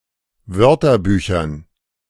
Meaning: dative plural of Wörterbuch
- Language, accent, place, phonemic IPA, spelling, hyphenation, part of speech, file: German, Germany, Berlin, /ˈvœʁtɐˌbyːçɐn/, Wörterbüchern, Wör‧ter‧bü‧chern, noun, De-Wörterbüchern.ogg